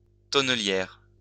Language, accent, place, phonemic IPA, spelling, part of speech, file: French, France, Lyon, /tɔ.nə.ljɛʁ/, tonnelière, noun, LL-Q150 (fra)-tonnelière.wav
- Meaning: female equivalent of tonnelier